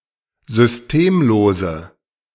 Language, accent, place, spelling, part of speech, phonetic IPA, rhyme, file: German, Germany, Berlin, systemlose, adjective, [zʏsˈteːmˌloːzə], -eːmloːzə, De-systemlose.ogg
- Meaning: inflection of systemlos: 1. strong/mixed nominative/accusative feminine singular 2. strong nominative/accusative plural 3. weak nominative all-gender singular